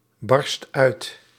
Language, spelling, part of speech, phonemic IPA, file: Dutch, barst uit, verb, /ˈbɑrst ˈœyt/, Nl-barst uit.ogg
- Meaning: inflection of uitbarsten: 1. first/second/third-person singular present indicative 2. imperative